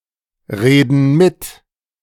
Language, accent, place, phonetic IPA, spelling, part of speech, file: German, Germany, Berlin, [ˌʁeːdn̩ ˈmɪt], reden mit, verb, De-reden mit.ogg
- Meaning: inflection of mitreden: 1. first/third-person plural present 2. first/third-person plural subjunctive I